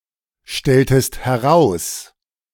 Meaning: inflection of herausstellen: 1. second-person singular preterite 2. second-person singular subjunctive II
- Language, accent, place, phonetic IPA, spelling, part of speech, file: German, Germany, Berlin, [ˌʃtɛltəst hɛˈʁaʊ̯s], stelltest heraus, verb, De-stelltest heraus.ogg